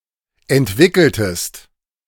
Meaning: inflection of entwickeln: 1. second-person singular preterite 2. second-person singular subjunctive II
- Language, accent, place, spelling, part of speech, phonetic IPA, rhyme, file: German, Germany, Berlin, entwickeltest, verb, [ɛntˈvɪkl̩təst], -ɪkl̩təst, De-entwickeltest.ogg